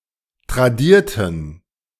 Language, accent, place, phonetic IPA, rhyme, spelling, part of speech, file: German, Germany, Berlin, [tʁaˈdiːɐ̯tn̩], -iːɐ̯tn̩, tradierten, adjective / verb, De-tradierten.ogg
- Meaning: inflection of tradiert: 1. strong genitive masculine/neuter singular 2. weak/mixed genitive/dative all-gender singular 3. strong/weak/mixed accusative masculine singular 4. strong dative plural